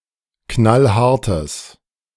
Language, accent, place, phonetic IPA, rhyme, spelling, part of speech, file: German, Germany, Berlin, [ˈknalˈhaʁtəs], -aʁtəs, knallhartes, adjective, De-knallhartes.ogg
- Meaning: strong/mixed nominative/accusative neuter singular of knallhart